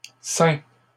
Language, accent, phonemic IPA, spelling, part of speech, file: French, Canada, /sɛ̃/, ceins, verb, LL-Q150 (fra)-ceins.wav
- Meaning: inflection of ceindre: 1. first/second-person singular present indicative 2. second-person singular imperative